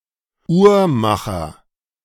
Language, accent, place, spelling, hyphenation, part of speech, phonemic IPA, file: German, Germany, Berlin, Uhrmacher, Uhr‧ma‧cher, noun, /ˈuːɐˌmaχɐ/, De-Uhrmacher.ogg
- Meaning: clockmaker, watchmaker, horologist (male or of unspecified gender)